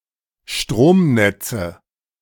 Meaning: nominative/accusative/genitive plural of Stromnetz
- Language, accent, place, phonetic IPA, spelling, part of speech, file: German, Germany, Berlin, [ˈʃtʁoːmˌnɛt͡sə], Stromnetze, noun, De-Stromnetze.ogg